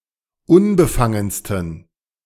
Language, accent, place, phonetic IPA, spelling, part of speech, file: German, Germany, Berlin, [ˈʊnbəˌfaŋənstn̩], unbefangensten, adjective, De-unbefangensten.ogg
- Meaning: 1. superlative degree of unbefangen 2. inflection of unbefangen: strong genitive masculine/neuter singular superlative degree